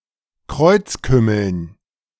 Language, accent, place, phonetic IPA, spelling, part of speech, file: German, Germany, Berlin, [ˈkʁɔɪ̯t͡sˌkʏml̩n], Kreuzkümmeln, noun, De-Kreuzkümmeln.ogg
- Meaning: dative plural of Kreuzkümmel